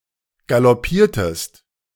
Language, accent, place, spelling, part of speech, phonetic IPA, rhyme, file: German, Germany, Berlin, galoppiertest, verb, [ɡalɔˈpiːɐ̯təst], -iːɐ̯təst, De-galoppiertest.ogg
- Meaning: inflection of galoppieren: 1. second-person singular preterite 2. second-person singular subjunctive II